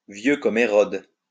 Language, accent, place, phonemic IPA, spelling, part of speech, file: French, France, Lyon, /vjø kɔm e.ʁɔd/, vieux comme Hérode, adjective, LL-Q150 (fra)-vieux comme Hérode.wav
- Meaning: older than dirt